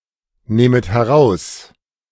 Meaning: second-person plural subjunctive II of herausnehmen
- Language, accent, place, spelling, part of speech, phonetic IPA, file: German, Germany, Berlin, nähmet heraus, verb, [ˌnɛːmət hɛˈʁaʊ̯s], De-nähmet heraus.ogg